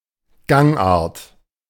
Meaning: gait (way of walking)
- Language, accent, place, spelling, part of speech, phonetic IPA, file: German, Germany, Berlin, Gangart, noun, [ˈɡaŋˌʔaːɐ̯t], De-Gangart.ogg